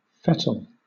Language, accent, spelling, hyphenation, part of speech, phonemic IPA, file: English, Southern England, fettle, fet‧tle, noun / verb, /ˈfɛtl̩/, LL-Q1860 (eng)-fettle.wav
- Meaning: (noun) 1. A state of physical condition; kilter or trim 2. One's mental state; spirits 3. Sand used to line a furnace 4. A seam line left by the meeting of mould pieces 5. The act of fettling